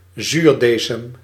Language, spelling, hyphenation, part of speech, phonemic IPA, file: Dutch, zuurdesem, zuur‧de‧sem, noun, /ˈzyːrˌdeː.səm/, Nl-zuurdesem.ogg
- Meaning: sourdough